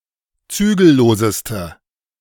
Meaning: inflection of zügellos: 1. strong/mixed nominative/accusative feminine singular superlative degree 2. strong nominative/accusative plural superlative degree
- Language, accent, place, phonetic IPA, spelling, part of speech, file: German, Germany, Berlin, [ˈt͡syːɡl̩ˌloːzəstə], zügelloseste, adjective, De-zügelloseste.ogg